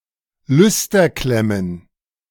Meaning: plural of Lüsterklemme
- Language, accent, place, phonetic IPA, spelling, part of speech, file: German, Germany, Berlin, [ˈlʏstɐˌklɛmən], Lüsterklemmen, noun, De-Lüsterklemmen.ogg